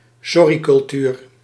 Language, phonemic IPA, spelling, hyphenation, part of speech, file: Dutch, /ˈsɔ.ri.kʏlˌtyːr/, sorrycultuur, sor‧ry‧cul‧tuur, noun, Nl-sorrycultuur.ogg
- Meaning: a culture of apologising for errors without these errors resulting in any substantial negative sanctions